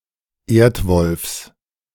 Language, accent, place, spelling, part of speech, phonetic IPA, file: German, Germany, Berlin, Erdwolfs, noun, [ˈeːɐ̯tˌvɔlfs], De-Erdwolfs.ogg
- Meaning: genitive singular of Erdwolf